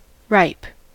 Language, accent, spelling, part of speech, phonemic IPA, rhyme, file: English, US, ripe, adjective / noun / verb, /ɹaɪp/, -aɪp, En-us-ripe.ogg
- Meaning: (adjective) 1. Of a fruit, vegetable, seed, etc., ready for reaping or gathering; having attained perfection; mature 2. Of a food, advanced to the state of fitness for use; mellow